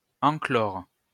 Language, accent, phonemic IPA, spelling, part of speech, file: French, France, /ɑ̃.klɔʁ/, enclore, verb, LL-Q150 (fra)-enclore.wav
- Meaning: 1. to enclose 2. to fortify